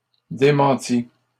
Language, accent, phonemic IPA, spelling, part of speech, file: French, Canada, /de.mɑ̃.ti/, démentit, verb, LL-Q150 (fra)-démentit.wav
- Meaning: third-person singular past historic of démentir